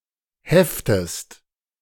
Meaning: inflection of heften: 1. second-person singular present 2. second-person singular subjunctive I
- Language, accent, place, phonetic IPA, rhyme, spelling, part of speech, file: German, Germany, Berlin, [ˈhɛftəst], -ɛftəst, heftest, verb, De-heftest.ogg